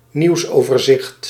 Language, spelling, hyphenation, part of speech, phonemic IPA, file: Dutch, nieuwsoverzicht, nieuws‧over‧zicht, noun, /ˈniu̯s.oː.vərˌzɪxt/, Nl-nieuwsoverzicht.ogg
- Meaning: news overview (summary of the news)